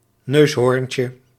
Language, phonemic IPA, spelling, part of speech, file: Dutch, /ˈnøshorᵊɲcə/, neushoorntje, noun, Nl-neushoorntje.ogg
- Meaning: diminutive of neushoorn